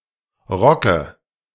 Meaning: dative of Rock
- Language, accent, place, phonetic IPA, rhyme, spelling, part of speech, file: German, Germany, Berlin, [ˈʁɔkə], -ɔkə, Rocke, noun, De-Rocke.ogg